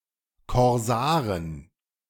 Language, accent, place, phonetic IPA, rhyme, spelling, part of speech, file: German, Germany, Berlin, [kɔʁˈzaːʁən], -aːʁən, Korsaren, noun, De-Korsaren.ogg
- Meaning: 1. genitive singular of Korsar 2. plural of Korsar